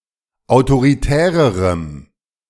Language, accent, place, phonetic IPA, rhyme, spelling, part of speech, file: German, Germany, Berlin, [aʊ̯toʁiˈtɛːʁəʁəm], -ɛːʁəʁəm, autoritärerem, adjective, De-autoritärerem.ogg
- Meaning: strong dative masculine/neuter singular comparative degree of autoritär